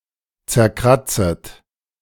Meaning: second-person plural subjunctive I of zerkratzen
- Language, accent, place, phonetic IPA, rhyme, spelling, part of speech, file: German, Germany, Berlin, [t͡sɛɐ̯ˈkʁat͡sət], -at͡sət, zerkratzet, verb, De-zerkratzet.ogg